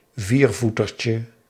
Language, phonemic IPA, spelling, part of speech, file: Dutch, /ˈvirvutərcə/, viervoetertje, noun, Nl-viervoetertje.ogg
- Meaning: diminutive of viervoeter